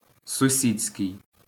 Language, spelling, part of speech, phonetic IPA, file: Ukrainian, сусідський, adjective, [sʊˈsʲid͡zʲsʲkei̯], LL-Q8798 (ukr)-сусідський.wav
- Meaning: 1. neighbor (attributive) 2. neighbour's, neighbours'